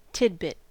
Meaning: 1. A part of poultry when prepared as food 2. A tasty morsel (of food) 3. A short item of news, gossip, or information 4. Generically, any small thing
- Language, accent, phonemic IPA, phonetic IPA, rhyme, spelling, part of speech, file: English, US, /ˈtɪd.bɪt/, [ˈtʰɪd̚.bɪt̚], -ɪt, tidbit, noun, En-us-tidbit.ogg